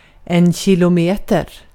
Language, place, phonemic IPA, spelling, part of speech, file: Swedish, Gotland, /ɕɪlʊˈmeːtɛr/, kilometer, noun, Sv-kilometer.ogg
- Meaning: a kilometre